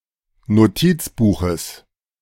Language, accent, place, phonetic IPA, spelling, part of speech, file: German, Germany, Berlin, [noˈtiːt͡sˌbuːxəs], Notizbuches, noun, De-Notizbuches.ogg
- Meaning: genitive of Notizbuch